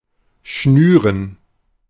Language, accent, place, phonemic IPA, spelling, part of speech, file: German, Germany, Berlin, /ˈʃnyːrən/, schnüren, verb, De-schnüren.ogg
- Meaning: to lace